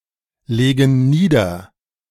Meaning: inflection of niederlegen: 1. first/third-person plural present 2. first/third-person plural subjunctive I
- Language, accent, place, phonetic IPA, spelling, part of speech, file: German, Germany, Berlin, [ˌleːɡn̩ ˈniːdɐ], legen nieder, verb, De-legen nieder.ogg